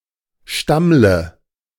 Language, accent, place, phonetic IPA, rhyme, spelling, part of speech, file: German, Germany, Berlin, [ˈʃtamlə], -amlə, stammle, verb, De-stammle.ogg
- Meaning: inflection of stammeln: 1. first-person singular present 2. first/third-person singular subjunctive I 3. singular imperative